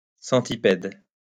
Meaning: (adjective) centipedal; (noun) centipede (a segmented arthropod of class Chilopoda)
- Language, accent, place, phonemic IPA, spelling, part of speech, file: French, France, Lyon, /sɑ̃.ti.pɛd/, centipède, adjective / noun, LL-Q150 (fra)-centipède.wav